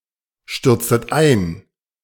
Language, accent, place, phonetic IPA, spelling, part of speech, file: German, Germany, Berlin, [ˌʃtʏʁt͡stət ˈaɪ̯n], stürztet ein, verb, De-stürztet ein.ogg
- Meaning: inflection of einstürzen: 1. second-person plural preterite 2. second-person plural subjunctive II